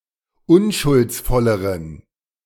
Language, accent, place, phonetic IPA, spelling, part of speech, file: German, Germany, Berlin, [ˈʊnʃʊlt͡sˌfɔləʁən], unschuldsvolleren, adjective, De-unschuldsvolleren.ogg
- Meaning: inflection of unschuldsvoll: 1. strong genitive masculine/neuter singular comparative degree 2. weak/mixed genitive/dative all-gender singular comparative degree